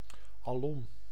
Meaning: everywhere, all around
- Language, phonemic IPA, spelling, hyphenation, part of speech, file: Dutch, /ɑˈlɔm/, alom, al‧om, adverb, Nl-alom.ogg